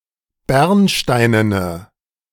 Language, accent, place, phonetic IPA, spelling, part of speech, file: German, Germany, Berlin, [ˈbɛʁnˌʃtaɪ̯nənə], bernsteinene, adjective, De-bernsteinene.ogg
- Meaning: inflection of bernsteinen: 1. strong/mixed nominative/accusative feminine singular 2. strong nominative/accusative plural 3. weak nominative all-gender singular